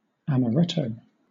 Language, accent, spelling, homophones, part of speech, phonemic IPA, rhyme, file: English, Southern England, amaretto, amoretto, noun, /ˌæməˈɹɛtəʊ/, -ɛtəʊ, LL-Q1860 (eng)-amaretto.wav